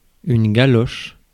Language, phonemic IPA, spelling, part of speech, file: French, /ɡa.lɔʃ/, galoche, noun / verb, Fr-galoche.ogg
- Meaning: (noun) 1. clog (shoe with a wooden sole) 2. a chin that is long and pointed 3. French kiss; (verb) inflection of galocher: first/third-person singular present indicative/subjunctive